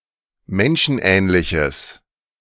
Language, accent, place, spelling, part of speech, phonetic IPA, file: German, Germany, Berlin, menschenähnliches, adjective, [ˈmɛnʃn̩ˌʔɛːnlɪçəs], De-menschenähnliches.ogg
- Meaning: strong/mixed nominative/accusative neuter singular of menschenähnlich